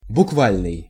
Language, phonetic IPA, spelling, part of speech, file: Russian, [bʊkˈvalʲnɨj], буквальный, adjective, Ru-буквальный.ogg
- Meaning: literal (exactly as stated; read or understood without additional interpretation)